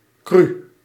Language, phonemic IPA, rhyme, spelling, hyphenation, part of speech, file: Dutch, /kry/, -y, cru, cru, adjective, Nl-cru.ogg
- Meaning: crude, coarse